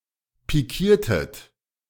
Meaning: inflection of pikieren: 1. second-person plural preterite 2. second-person plural subjunctive II
- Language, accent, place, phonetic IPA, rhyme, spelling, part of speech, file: German, Germany, Berlin, [piˈkiːɐ̯tət], -iːɐ̯tət, pikiertet, verb, De-pikiertet.ogg